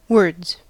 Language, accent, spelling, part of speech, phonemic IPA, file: English, General American, words, noun / verb, /wɜɹdz/, En-us-words.ogg
- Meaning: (noun) 1. plural of word 2. Angry debate or conversation; argument 3. The lines in a script for a performance 4. Lyrics; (verb) third-person singular simple present indicative of word